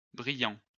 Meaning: masculine plural of brillant
- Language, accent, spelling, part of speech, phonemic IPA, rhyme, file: French, France, brillants, adjective, /bʁi.jɑ̃/, -jɑ̃, LL-Q150 (fra)-brillants.wav